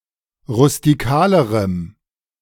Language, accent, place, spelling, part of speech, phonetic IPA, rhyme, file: German, Germany, Berlin, rustikalerem, adjective, [ʁʊstiˈkaːləʁəm], -aːləʁəm, De-rustikalerem.ogg
- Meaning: strong dative masculine/neuter singular comparative degree of rustikal